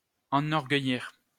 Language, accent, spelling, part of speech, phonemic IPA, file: French, France, enorgueillir, verb, /ɑ̃.nɔʁ.ɡœ.jiʁ/, LL-Q150 (fra)-enorgueillir.wav
- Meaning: 1. to make [someone] proud 2. to boast, to pride oneself on